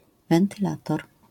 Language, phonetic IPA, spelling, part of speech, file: Polish, [ˌvɛ̃ntɨˈlatɔr], wentylator, noun, LL-Q809 (pol)-wentylator.wav